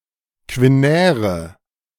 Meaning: inflection of quinär: 1. strong/mixed nominative/accusative feminine singular 2. strong nominative/accusative plural 3. weak nominative all-gender singular 4. weak accusative feminine/neuter singular
- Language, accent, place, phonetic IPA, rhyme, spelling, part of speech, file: German, Germany, Berlin, [kvɪˈnɛːʁə], -ɛːʁə, quinäre, adjective, De-quinäre.ogg